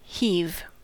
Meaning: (verb) 1. To lift with difficulty; to raise with some effort; to lift (a heavy thing) 2. To throw, cast 3. To rise and fall 4. To utter with effort 5. To pull up with a rope or cable
- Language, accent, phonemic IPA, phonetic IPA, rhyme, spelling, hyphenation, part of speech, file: English, US, /ˈhiːv/, [ˈhɪi̯v], -iːv, heave, heave, verb / noun, En-us-heave.ogg